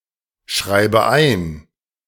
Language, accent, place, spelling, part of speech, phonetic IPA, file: German, Germany, Berlin, schreibe ein, verb, [ˌʃʁaɪ̯bə ˈaɪ̯n], De-schreibe ein.ogg
- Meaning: inflection of einschreiben: 1. first-person singular present 2. first/third-person singular subjunctive I 3. singular imperative